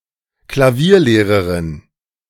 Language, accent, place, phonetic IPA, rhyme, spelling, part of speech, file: German, Germany, Berlin, [klaˈviːɐ̯ˌleːʁəʁɪn], -iːɐ̯leːʁəʁɪn, Klavierlehrerin, noun, De-Klavierlehrerin.ogg
- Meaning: female piano teacher